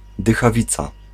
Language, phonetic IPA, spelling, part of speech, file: Polish, [ˌdɨxaˈvʲit͡sa], dychawica, noun, Pl-dychawica.ogg